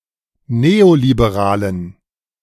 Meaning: inflection of neoliberal: 1. strong genitive masculine/neuter singular 2. weak/mixed genitive/dative all-gender singular 3. strong/weak/mixed accusative masculine singular 4. strong dative plural
- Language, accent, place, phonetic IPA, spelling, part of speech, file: German, Germany, Berlin, [ˈneːolibeˌʁaːlən], neoliberalen, adjective, De-neoliberalen.ogg